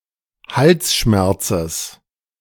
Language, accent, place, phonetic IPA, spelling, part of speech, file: German, Germany, Berlin, [ˈhalsˌʃmɛʁt͡səs], Halsschmerzes, noun, De-Halsschmerzes.ogg
- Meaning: genitive singular of Halsschmerz